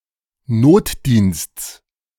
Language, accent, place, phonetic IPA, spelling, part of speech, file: German, Germany, Berlin, [ˈnoːtˌdiːnst͡s], Notdiensts, noun, De-Notdiensts.ogg
- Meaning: genitive singular of Notdienst